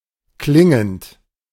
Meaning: present participle of klingen
- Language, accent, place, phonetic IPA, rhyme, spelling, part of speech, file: German, Germany, Berlin, [ˈklɪŋənt], -ɪŋənt, klingend, verb, De-klingend.ogg